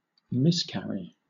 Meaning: 1. To have an unfortunate accident of some kind; to be killed, or come to harm 2. To go astray; to do something wrong 3. To have a miscarriage; to involuntarily abort a foetus
- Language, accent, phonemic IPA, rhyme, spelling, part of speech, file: English, Southern England, /ˌmɪsˈkæɹi/, -æɹi, miscarry, verb, LL-Q1860 (eng)-miscarry.wav